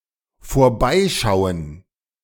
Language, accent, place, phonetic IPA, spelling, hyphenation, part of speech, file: German, Germany, Berlin, [foːɐ̯ˈbaɪ̯̯ʃaʊ̯ən], vorbeischauen, vor‧bei‧schau‧en, verb, De-vorbeischauen.ogg
- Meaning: 1. to look past 2. to swing by, to visit briefly (especially if not at a specific time)